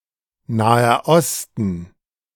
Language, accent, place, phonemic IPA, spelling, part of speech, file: German, Germany, Berlin, /ˈnaː.ɐ ˈɔstən/, Naher Osten, proper noun, De-Naher Osten.ogg
- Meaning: Middle East (the geopolitical region at the intersection of Asia, Africa and Europe, comprising West Asia excluding the South Caucasus and additionally including all of Egypt and all of Turkey)